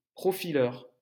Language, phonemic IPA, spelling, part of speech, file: French, /pʁɔ.fi.lœʁ/, profileur, noun, LL-Q150 (fra)-profileur.wav
- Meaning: 1. profiler (person) 2. profiler (masculine only)